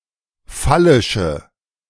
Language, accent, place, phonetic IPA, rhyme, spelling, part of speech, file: German, Germany, Berlin, [ˈfalɪʃə], -alɪʃə, phallische, adjective, De-phallische.ogg
- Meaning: inflection of phallisch: 1. strong/mixed nominative/accusative feminine singular 2. strong nominative/accusative plural 3. weak nominative all-gender singular